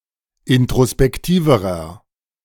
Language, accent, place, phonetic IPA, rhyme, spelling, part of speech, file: German, Germany, Berlin, [ɪntʁospɛkˈtiːvəʁɐ], -iːvəʁɐ, introspektiverer, adjective, De-introspektiverer.ogg
- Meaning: inflection of introspektiv: 1. strong/mixed nominative masculine singular comparative degree 2. strong genitive/dative feminine singular comparative degree 3. strong genitive plural comparative degree